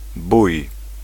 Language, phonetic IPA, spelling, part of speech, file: Polish, [buj], bój, noun / verb, Pl-bój.ogg